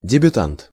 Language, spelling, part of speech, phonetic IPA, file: Russian, дебютант, noun, [dʲɪbʲʊˈtant], Ru-дебютант.ogg
- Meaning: debutant